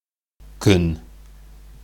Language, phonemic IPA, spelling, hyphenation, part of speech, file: Bashkir, /kʏ̞n/, көн, көн, noun, Ba-көн.ogg
- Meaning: 1. day 2. sun 3. weather 4. quiet life, peaceful existence